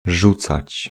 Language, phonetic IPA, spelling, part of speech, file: Polish, [ˈʒut͡sat͡ɕ], rzucać, verb, Pl-rzucać.ogg